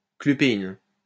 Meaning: clupein
- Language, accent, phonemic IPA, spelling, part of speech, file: French, France, /kly.pe.in/, clupéine, noun, LL-Q150 (fra)-clupéine.wav